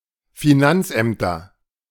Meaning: nominative/accusative/genitive plural of Finanzamt
- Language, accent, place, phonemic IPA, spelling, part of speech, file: German, Germany, Berlin, /fiˈnantsˌʔɛmtɐ/, Finanzämter, noun, De-Finanzämter.ogg